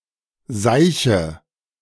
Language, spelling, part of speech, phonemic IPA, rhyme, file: German, Seiche, noun, /ˈzaɪ̯çə/, -aɪ̯çə, De-Seiche.ogg
- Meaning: 1. urine, piss 2. bullshit, nonsense, twaddle